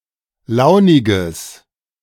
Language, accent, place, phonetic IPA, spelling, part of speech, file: German, Germany, Berlin, [ˈlaʊ̯nɪɡəs], launiges, adjective, De-launiges.ogg
- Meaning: strong/mixed nominative/accusative neuter singular of launig